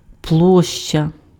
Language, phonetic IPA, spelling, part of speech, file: Ukrainian, [ˈpɫɔʃt͡ʃɐ], площа, noun, Uk-площа.ogg
- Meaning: 1. area 2. area, space (of the ground) 3. square 4. living space